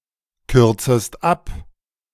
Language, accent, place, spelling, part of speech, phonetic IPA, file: German, Germany, Berlin, kürzest ab, verb, [ˌkʏʁt͡səst ˈap], De-kürzest ab.ogg
- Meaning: second-person singular subjunctive I of abkürzen